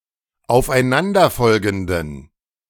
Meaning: inflection of aufeinanderfolgend: 1. strong genitive masculine/neuter singular 2. weak/mixed genitive/dative all-gender singular 3. strong/weak/mixed accusative masculine singular
- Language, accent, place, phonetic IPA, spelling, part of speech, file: German, Germany, Berlin, [aʊ̯fʔaɪ̯ˈnandɐˌfɔlɡn̩dən], aufeinanderfolgenden, adjective, De-aufeinanderfolgenden.ogg